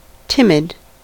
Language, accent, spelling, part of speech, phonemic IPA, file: English, US, timid, adjective, /ˈtɪmɪd/, En-us-timid.ogg
- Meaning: Lacking in courage or confidence